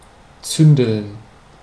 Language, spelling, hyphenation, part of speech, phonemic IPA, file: German, zündeln, zün‧deln, verb, /ˈt͡sʏndl̩n/, De-zündeln.ogg
- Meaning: to play with fire